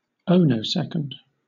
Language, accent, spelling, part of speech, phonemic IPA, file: English, Southern England, ohnosecond, noun, /ˈəʊ(ˈ)nəʊˌsɛkənd/, LL-Q1860 (eng)-ohnosecond.wav
- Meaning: The fraction of time between making a mistake and realizing it